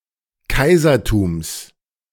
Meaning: genitive singular of Kaisertum
- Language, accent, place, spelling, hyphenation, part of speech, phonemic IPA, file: German, Germany, Berlin, Kaisertums, Kai‧ser‧tums, noun, /ˈkaɪ̯zɐˌtuːms/, De-Kaisertums.ogg